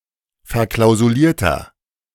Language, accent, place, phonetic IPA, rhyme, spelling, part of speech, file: German, Germany, Berlin, [fɛɐ̯ˌklaʊ̯zuˈliːɐ̯tɐ], -iːɐ̯tɐ, verklausulierter, adjective, De-verklausulierter.ogg
- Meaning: 1. comparative degree of verklausuliert 2. inflection of verklausuliert: strong/mixed nominative masculine singular 3. inflection of verklausuliert: strong genitive/dative feminine singular